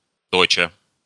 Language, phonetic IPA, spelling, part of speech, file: Russian, [tɐˈt͡ɕa], точа, verb, Ru-то́ча.ogg
- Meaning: present adverbial imperfective participle of точи́ть (točítʹ)